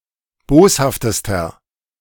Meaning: inflection of boshaft: 1. strong/mixed nominative masculine singular superlative degree 2. strong genitive/dative feminine singular superlative degree 3. strong genitive plural superlative degree
- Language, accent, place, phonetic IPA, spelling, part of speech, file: German, Germany, Berlin, [ˈboːshaftəstɐ], boshaftester, adjective, De-boshaftester.ogg